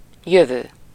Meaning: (verb) present participle of jön: coming (from somewhere); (adjective) 1. next, coming (week, month, year, or a larger time unit) 2. future; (noun) future (the time ahead)
- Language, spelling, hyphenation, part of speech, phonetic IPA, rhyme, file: Hungarian, jövő, jö‧vő, verb / adjective / noun, [ˈjøvøː], -vøː, Hu-jövő.ogg